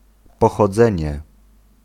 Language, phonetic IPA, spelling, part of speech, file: Polish, [ˌpɔxɔˈd͡zɛ̃ɲɛ], pochodzenie, noun, Pl-pochodzenie.ogg